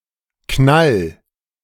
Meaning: 1. singular imperative of knallen 2. first-person singular present of knallen
- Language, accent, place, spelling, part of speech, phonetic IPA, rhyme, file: German, Germany, Berlin, knall, verb, [knal], -al, De-knall.ogg